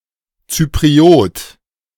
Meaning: Cypriot
- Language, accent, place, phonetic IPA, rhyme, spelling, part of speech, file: German, Germany, Berlin, [ˌt͡sypʁiˈoːt], -oːt, Zypriot, noun, De-Zypriot.ogg